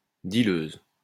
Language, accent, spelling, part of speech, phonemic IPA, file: French, France, dealeuse, noun, /di.løz/, LL-Q150 (fra)-dealeuse.wav
- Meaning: female equivalent of dealeur